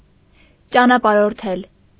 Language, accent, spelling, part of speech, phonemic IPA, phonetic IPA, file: Armenian, Eastern Armenian, ճանապարհորդել, verb, /t͡ʃɑnɑpɑɾoɾˈtʰel/, [t͡ʃɑnɑpɑɾoɾtʰél], Hy-ճանապարհորդել.ogg
- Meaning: to travel